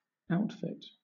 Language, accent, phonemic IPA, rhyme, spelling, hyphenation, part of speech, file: English, Southern England, /ˈaʊtfɪt/, -aʊtfɪt, outfit, out‧fit, noun / verb, LL-Q1860 (eng)-outfit.wav
- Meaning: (noun) 1. A set of clothing (with accessories) 2. Gear consisting of a set of articles or tools for a specified purpose 3. Any cohesive group of people; a unit; such as a military company